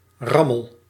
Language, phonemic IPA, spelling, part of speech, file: Dutch, /ˈrɑməl/, rammel, noun / verb, Nl-rammel.ogg
- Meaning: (noun) 1. beating 2. a gossip; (verb) inflection of rammelen: 1. first-person singular present indicative 2. second-person singular present indicative 3. imperative